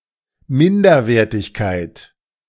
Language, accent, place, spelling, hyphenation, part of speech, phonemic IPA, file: German, Germany, Berlin, Minderwertigkeit, Min‧der‧wer‧tig‧keit, noun, /ˈmɪndɐˌveːɐ̯tɪçkaɪ̯t/, De-Minderwertigkeit.ogg
- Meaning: inferiority, low quality